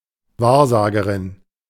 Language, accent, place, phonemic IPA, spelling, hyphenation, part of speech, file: German, Germany, Berlin, /ˈvaːɐ̯ˌzaːɡəʁɪn/, Wahrsagerin, Wahr‧sa‧ge‧rin, noun, De-Wahrsagerin.ogg
- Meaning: female equivalent of Wahrsager